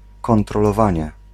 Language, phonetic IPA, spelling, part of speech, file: Polish, [ˌkɔ̃ntrɔlɔˈvãɲɛ], kontrolowanie, noun, Pl-kontrolowanie.ogg